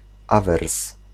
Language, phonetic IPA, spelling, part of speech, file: Polish, [ˈavɛrs], awers, noun, Pl-awers.ogg